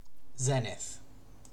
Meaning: 1. The point in the sky vertically above a given position or observer; the point in the celestial sphere opposite the nadir 2. The highest point in the sky reached by a celestial body
- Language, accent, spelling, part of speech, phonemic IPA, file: English, UK, zenith, noun, /ˈzɛn.ɪθ/, En-uk-zenith.ogg